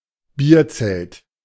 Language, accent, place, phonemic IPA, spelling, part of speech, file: German, Germany, Berlin, /ˈbiːɐ̯ˌt͡sɛlt/, Bierzelt, noun, De-Bierzelt.ogg
- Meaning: beer tent